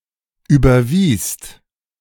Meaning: second-person singular/plural preterite of überweisen
- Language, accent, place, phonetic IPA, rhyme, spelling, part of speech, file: German, Germany, Berlin, [ˌyːbɐˈviːst], -iːst, überwiest, verb, De-überwiest.ogg